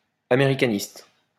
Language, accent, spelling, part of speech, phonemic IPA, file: French, France, américaniste, adjective, /a.me.ʁi.ka.nist/, LL-Q150 (fra)-américaniste.wav
- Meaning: Americanist (relating to the anthropology of Native Americans)